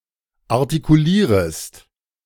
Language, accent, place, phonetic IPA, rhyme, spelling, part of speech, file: German, Germany, Berlin, [aʁtikuˈliːʁəst], -iːʁəst, artikulierest, verb, De-artikulierest.ogg
- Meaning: second-person singular subjunctive I of artikulieren